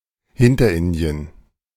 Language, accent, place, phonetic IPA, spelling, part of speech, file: German, Germany, Berlin, [ˈhɪntɐˌʔɪndi̯ən], Hinterindien, proper noun, De-Hinterindien.ogg
- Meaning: a peninsula in Southeast Asia; Indochina